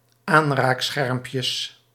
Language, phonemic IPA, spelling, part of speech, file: Dutch, /ˈanrakˌsxɛrᵊmpjəs/, aanraakschermpjes, noun, Nl-aanraakschermpjes.ogg
- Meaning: plural of aanraakschermpje